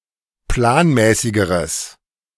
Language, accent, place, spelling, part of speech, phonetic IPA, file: German, Germany, Berlin, planmäßigeres, adjective, [ˈplaːnˌmɛːsɪɡəʁəs], De-planmäßigeres.ogg
- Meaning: strong/mixed nominative/accusative neuter singular comparative degree of planmäßig